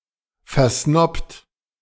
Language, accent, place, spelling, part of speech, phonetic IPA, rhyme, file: German, Germany, Berlin, versnobt, verb, [fɛɐ̯ˈsnɔpt], -ɔpt, De-versnobt.ogg
- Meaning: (verb) past participle of versnoben; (adjective) snobbish, snobby